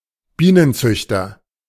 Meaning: beekeeper (male or of unspecified gender)
- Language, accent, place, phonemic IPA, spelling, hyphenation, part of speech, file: German, Germany, Berlin, /ˈbiːnənˌt͡sʏçtɐ/, Bienenzüchter, Bie‧nen‧züch‧ter, noun, De-Bienenzüchter.ogg